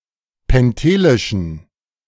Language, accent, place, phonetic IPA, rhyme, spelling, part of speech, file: German, Germany, Berlin, [pɛnˈteːlɪʃn̩], -eːlɪʃn̩, pentelischen, adjective, De-pentelischen.ogg
- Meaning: inflection of pentelisch: 1. strong genitive masculine/neuter singular 2. weak/mixed genitive/dative all-gender singular 3. strong/weak/mixed accusative masculine singular 4. strong dative plural